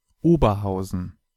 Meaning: Oberhausen (an independent city in North Rhine-Westphalia, Germany)
- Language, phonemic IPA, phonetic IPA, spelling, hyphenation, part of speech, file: German, /ˈoːbəʁˌhaʊ̯zən/, [ˈʔoː.bɐˌhaʊ̯.zn̩], Oberhausen, Ober‧hau‧sen, proper noun, De-Oberhausen.ogg